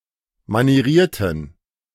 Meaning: inflection of manieriert: 1. strong genitive masculine/neuter singular 2. weak/mixed genitive/dative all-gender singular 3. strong/weak/mixed accusative masculine singular 4. strong dative plural
- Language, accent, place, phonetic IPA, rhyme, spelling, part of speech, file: German, Germany, Berlin, [maniˈʁiːɐ̯tn̩], -iːɐ̯tn̩, manierierten, adjective, De-manierierten.ogg